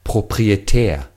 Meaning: 1. proprietary, copyrighted 2. proprietary
- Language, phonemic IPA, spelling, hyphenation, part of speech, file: German, /pʁopʁieˈtɛːɐ̯/, proprietär, pro‧p‧ri‧e‧tär, adjective, De-proprietär.ogg